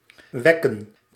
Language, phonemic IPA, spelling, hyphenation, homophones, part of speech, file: Dutch, /ˈʋɛ.kə(n)/, wekken, wek‧ken, wecken, verb, Nl-wekken.ogg
- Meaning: 1. to wake, to wake up 2. to cause, to elicit (particularly of certain emotions)